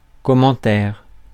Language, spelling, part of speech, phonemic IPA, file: French, commentaire, noun, /kɔ.mɑ̃.tɛʁ/, Fr-commentaire.ogg
- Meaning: 1. comment, remark 2. commentary